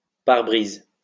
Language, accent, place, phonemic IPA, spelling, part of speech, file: French, France, Lyon, /paʁ.bʁiz/, pare-brise, noun, LL-Q150 (fra)-pare-brise.wav
- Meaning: windscreen (UK), windshield (US)